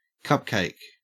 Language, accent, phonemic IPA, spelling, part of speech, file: English, Australia, /ˈkʌpkeɪk/, cupcake, noun / verb, En-au-cupcake.ogg
- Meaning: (noun) 1. A small cake baked in a usually paper container shaped like a cup, often with icing on top 2. An attractive young woman 3. A weak or effeminate man 4. A term of endearment